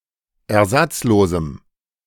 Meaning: strong dative masculine/neuter singular of ersatzlos
- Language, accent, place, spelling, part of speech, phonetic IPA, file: German, Germany, Berlin, ersatzlosem, adjective, [ɛɐ̯ˈzat͡sˌloːzm̩], De-ersatzlosem.ogg